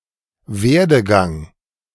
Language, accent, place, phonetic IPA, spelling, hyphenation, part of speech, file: German, Germany, Berlin, [ˈveːɐ̯dəˌɡaŋ], Werdegang, Wer‧de‧gang, noun, De-Werdegang.ogg
- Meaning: 1. career 2. development